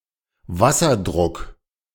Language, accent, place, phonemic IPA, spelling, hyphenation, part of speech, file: German, Germany, Berlin, /ˈva.sɐˌdʁʊk/, Wasserdruck, Was‧ser‧druck, noun, De-Wasserdruck.ogg
- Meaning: water pressure